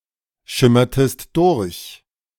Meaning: inflection of durchschimmern: 1. second-person singular preterite 2. second-person singular subjunctive II
- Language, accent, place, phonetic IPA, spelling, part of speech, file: German, Germany, Berlin, [ˌʃɪmɐtəst ˈdʊʁç], schimmertest durch, verb, De-schimmertest durch.ogg